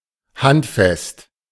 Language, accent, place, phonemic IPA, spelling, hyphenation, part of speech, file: German, Germany, Berlin, /ˈhantfɛst/, handfest, hand‧fest, adjective, De-handfest.ogg
- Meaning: 1. tangible, solid 2. handy 3. strong 4. hand-tight